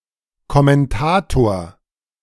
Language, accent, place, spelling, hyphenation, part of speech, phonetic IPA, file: German, Germany, Berlin, Kommentator, Kom‧men‧ta‧tor, noun, [kɔmɛnˈtaːtoːɐ̯], De-Kommentator.ogg
- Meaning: commentator